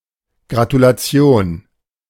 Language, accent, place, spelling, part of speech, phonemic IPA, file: German, Germany, Berlin, Gratulation, noun, /ɡʁatulaˈt͡si̯oːn/, De-Gratulation.ogg
- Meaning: congratulation